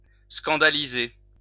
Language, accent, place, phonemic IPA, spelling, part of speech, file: French, France, Lyon, /skɑ̃.da.li.ze/, scandaliser, verb, LL-Q150 (fra)-scandaliser.wav
- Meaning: to scandalize, to cause a scandal